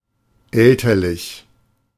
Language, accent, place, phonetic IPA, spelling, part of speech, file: German, Germany, Berlin, [ˈɛltɐlɪç], elterlich, adjective, De-elterlich.ogg
- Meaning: parental